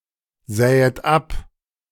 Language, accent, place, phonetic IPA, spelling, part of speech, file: German, Germany, Berlin, [ˌzɛːət ˈap], sähet ab, verb, De-sähet ab.ogg
- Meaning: second-person plural subjunctive I of absehen